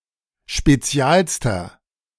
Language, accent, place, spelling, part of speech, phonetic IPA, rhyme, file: German, Germany, Berlin, spezialster, adjective, [ʃpeˈt͡si̯aːlstɐ], -aːlstɐ, De-spezialster.ogg
- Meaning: inflection of spezial: 1. strong/mixed nominative masculine singular superlative degree 2. strong genitive/dative feminine singular superlative degree 3. strong genitive plural superlative degree